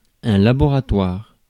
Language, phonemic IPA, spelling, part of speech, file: French, /la.bɔ.ʁa.twaʁ/, laboratoire, noun, Fr-laboratoire.ogg
- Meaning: laboratory